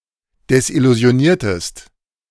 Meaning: inflection of desillusionieren: 1. second-person singular preterite 2. second-person singular subjunctive II
- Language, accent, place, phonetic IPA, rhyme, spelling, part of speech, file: German, Germany, Berlin, [dɛsʔɪluzi̯oˈniːɐ̯təst], -iːɐ̯təst, desillusioniertest, verb, De-desillusioniertest.ogg